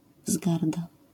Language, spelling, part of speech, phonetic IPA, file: Polish, wzgarda, noun, [ˈvzɡarda], LL-Q809 (pol)-wzgarda.wav